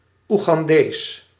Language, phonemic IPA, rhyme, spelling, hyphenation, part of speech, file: Dutch, /ˌu.ɣɑnˈdeːs/, -eːs, Oegandees, Oe‧gan‧dees, noun, Nl-Oegandees.ogg
- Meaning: a Ugandan